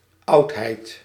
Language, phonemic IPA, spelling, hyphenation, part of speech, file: Dutch, /ɑʊ̭tɦɛɪ̭t/, oudheid, oud‧heid, noun, Nl-oudheid.ogg
- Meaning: 1. antiquity 2. object from antiquity